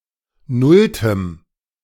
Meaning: strong dative masculine/neuter singular of nullte
- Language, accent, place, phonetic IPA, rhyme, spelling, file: German, Germany, Berlin, [ˈnʊltəm], -ʊltəm, nulltem, De-nulltem.ogg